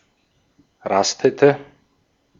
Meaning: inflection of rasten: 1. first/third-person singular preterite 2. first/third-person singular subjunctive II
- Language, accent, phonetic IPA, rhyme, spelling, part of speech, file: German, Austria, [ˈʁastətə], -astətə, rastete, verb, De-at-rastete.ogg